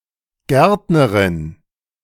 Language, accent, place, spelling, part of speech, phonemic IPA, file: German, Germany, Berlin, Gärtnerin, noun, /ˈɡɛʁtnəʁɪn/, De-Gärtnerin.ogg
- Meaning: gardener (female)